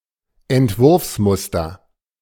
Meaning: design pattern
- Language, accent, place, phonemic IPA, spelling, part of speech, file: German, Germany, Berlin, /ɛntˈvʊʁfsˌmʊstɐ/, Entwurfsmuster, noun, De-Entwurfsmuster.ogg